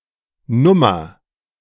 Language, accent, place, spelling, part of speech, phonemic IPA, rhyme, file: German, Germany, Berlin, Nummer, noun, /ˈnʊmɐ/, -ʊmɐ, De-Nummer.ogg
- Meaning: 1. number; see usage notes below 2. issue (of a magazine, etc.) 3. size (of shoes or clothes) 4. song; composition 5. act; stunt; shtick 6. character (idiosyncratic person)